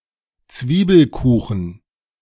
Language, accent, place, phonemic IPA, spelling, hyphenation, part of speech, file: German, Germany, Berlin, /ˈtsviːbəlˌkuːχn̩/, Zwiebelkuchen, Zwie‧bel‧ku‧chen, noun, De-Zwiebelkuchen.ogg
- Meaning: onion pie, onion cake, onion tart